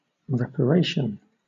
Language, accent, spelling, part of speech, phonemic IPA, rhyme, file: English, Southern England, reparation, noun, /ˌɹɛpəˈɹeɪʃən/, -eɪʃən, LL-Q1860 (eng)-reparation.wav
- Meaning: 1. A payment of time, effort or money to compensate for past transgression(s) 2. The act of renewing, restoring, etc., or the state of being renewed or repaired